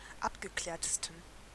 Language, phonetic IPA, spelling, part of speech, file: German, [ˈapɡəˌklɛːɐ̯təstn̩], abgeklärtesten, adjective, De-abgeklärtesten.ogg
- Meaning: 1. superlative degree of abgeklärt 2. inflection of abgeklärt: strong genitive masculine/neuter singular superlative degree